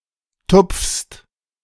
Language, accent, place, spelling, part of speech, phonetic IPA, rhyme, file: German, Germany, Berlin, tupfst, verb, [tʊp͡fst], -ʊp͡fst, De-tupfst.ogg
- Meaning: second-person singular present of tupfen